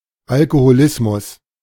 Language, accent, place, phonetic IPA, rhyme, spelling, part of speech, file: German, Germany, Berlin, [ˌalkohoˈlɪsmʊs], -ɪsmʊs, Alkoholismus, noun, De-Alkoholismus.ogg
- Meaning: alcoholism